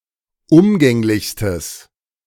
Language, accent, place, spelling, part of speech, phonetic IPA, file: German, Germany, Berlin, umgänglichstes, adjective, [ˈʊmɡɛŋlɪçstəs], De-umgänglichstes.ogg
- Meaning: strong/mixed nominative/accusative neuter singular superlative degree of umgänglich